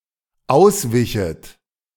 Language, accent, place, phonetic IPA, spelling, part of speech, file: German, Germany, Berlin, [ˈaʊ̯sˌvɪçət], auswichet, verb, De-auswichet.ogg
- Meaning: second-person plural dependent subjunctive II of ausweichen